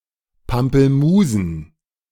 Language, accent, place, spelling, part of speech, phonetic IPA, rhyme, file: German, Germany, Berlin, Pampelmusen, noun, [pampl̩ˈmuːzn̩], -uːzn̩, De-Pampelmusen.ogg
- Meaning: plural of Pampelmuse "pomelos"